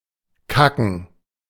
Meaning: to shit
- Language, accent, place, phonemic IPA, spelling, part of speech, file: German, Germany, Berlin, /ˈkakən/, kacken, verb, De-kacken.ogg